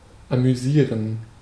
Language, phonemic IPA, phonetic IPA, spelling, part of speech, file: German, /amyˈziːʁən/, [ʔamyˈziːɐ̯n], amüsieren, verb, De-amüsieren.ogg
- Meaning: to be amused